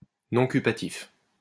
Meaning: nuncupative
- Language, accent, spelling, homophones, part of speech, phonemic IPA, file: French, France, nuncupatif, nuncupatifs, adjective, /nɔ̃.ky.pa.tif/, LL-Q150 (fra)-nuncupatif.wav